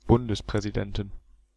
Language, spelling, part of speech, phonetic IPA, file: German, Bundespräsidenten, noun, [ˈbʊndəspʁɛziˌdɛntn̩], De-Bundespräsidenten.ogg
- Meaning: plural of Bundespräsident